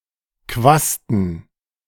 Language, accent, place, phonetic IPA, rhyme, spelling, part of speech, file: German, Germany, Berlin, [ˈkvastn̩], -astn̩, Quasten, noun, De-Quasten.ogg
- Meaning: plural of Quaste